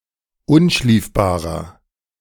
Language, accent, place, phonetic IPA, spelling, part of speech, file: German, Germany, Berlin, [ˈʊnˌʃliːfbaːʁɐ], unschliefbarer, adjective, De-unschliefbarer.ogg
- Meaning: inflection of unschliefbar: 1. strong/mixed nominative masculine singular 2. strong genitive/dative feminine singular 3. strong genitive plural